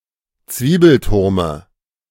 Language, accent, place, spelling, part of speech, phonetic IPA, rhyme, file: German, Germany, Berlin, Zwiebelturme, noun, [ˈt͡sviːbl̩ˌtʊʁmə], -iːbl̩tʊʁmə, De-Zwiebelturme.ogg
- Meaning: dative of Zwiebelturm